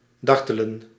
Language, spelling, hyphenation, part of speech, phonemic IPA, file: Dutch, dartelen, dar‧te‧len, verb, /ˈdɑr.tə.lə(n)/, Nl-dartelen.ogg
- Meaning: to frolic, cavort